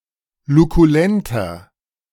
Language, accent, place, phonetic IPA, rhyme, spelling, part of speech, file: German, Germany, Berlin, [lukuˈlɛntɐ], -ɛntɐ, lukulenter, adjective, De-lukulenter.ogg
- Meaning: inflection of lukulent: 1. strong/mixed nominative masculine singular 2. strong genitive/dative feminine singular 3. strong genitive plural